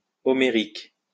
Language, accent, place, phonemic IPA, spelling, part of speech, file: French, France, Lyon, /ɔ.me.ʁik/, homérique, adjective, LL-Q150 (fra)-homérique.wav
- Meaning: of Homer; Homeric